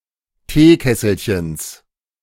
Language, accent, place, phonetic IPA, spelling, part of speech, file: German, Germany, Berlin, [ˈteːˌkɛsl̩çəns], Teekesselchens, noun, De-Teekesselchens.ogg
- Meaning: genitive singular of Teekesselchen